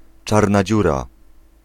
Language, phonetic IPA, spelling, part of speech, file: Polish, [ˈt͡ʃarna ˈd͡ʑura], czarna dziura, noun, Pl-czarna dziura.ogg